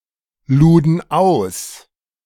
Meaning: first/third-person plural preterite of ausladen
- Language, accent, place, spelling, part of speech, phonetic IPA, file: German, Germany, Berlin, luden aus, verb, [ˌluːdn̩ ˈaʊ̯s], De-luden aus.ogg